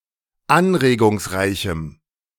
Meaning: strong dative masculine/neuter singular of anregungsreich
- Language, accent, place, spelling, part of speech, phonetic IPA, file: German, Germany, Berlin, anregungsreichem, adjective, [ˈanʁeːɡʊŋsˌʁaɪ̯çm̩], De-anregungsreichem.ogg